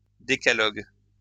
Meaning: alternative form of Décalogue
- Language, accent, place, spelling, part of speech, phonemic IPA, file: French, France, Lyon, décalogue, noun, /de.ka.lɔɡ/, LL-Q150 (fra)-décalogue.wav